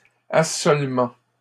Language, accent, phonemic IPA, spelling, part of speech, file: French, Canada, /a.sɔl.mɑ̃/, assolement, noun, LL-Q150 (fra)-assolement.wav
- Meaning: crop rotation